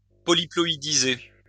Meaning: to polyploidize
- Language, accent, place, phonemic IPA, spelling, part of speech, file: French, France, Lyon, /pɔ.li.plɔ.i.di.ze/, polyploïdiser, verb, LL-Q150 (fra)-polyploïdiser.wav